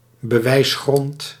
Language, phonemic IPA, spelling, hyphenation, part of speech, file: Dutch, /bəˈʋɛi̯sˌxrɔnt/, bewijsgrond, be‧wijs‧grond, noun, Nl-bewijsgrond.ogg
- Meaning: argument